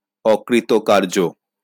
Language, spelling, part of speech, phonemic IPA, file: Bengali, অকৃতকার্য, adjective, /ɔ.kri.t̪o.kar.d͡ʒo/, LL-Q9610 (ben)-অকৃতকার্য.wav
- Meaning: unsuccessful